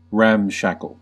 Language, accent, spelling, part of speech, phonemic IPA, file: English, US, ramshackle, adjective / verb, /ˈɹæmˌʃæk.əl/, En-us-ramshackle.ogg
- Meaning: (adjective) 1. In disrepair or disorder; poorly maintained; lacking upkeep, usually of buildings or vehicles 2. Badly or carelessly organized; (verb) To ransack